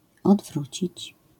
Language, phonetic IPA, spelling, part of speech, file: Polish, [ɔdˈvrut͡ɕit͡ɕ], odwrócić, verb, LL-Q809 (pol)-odwrócić.wav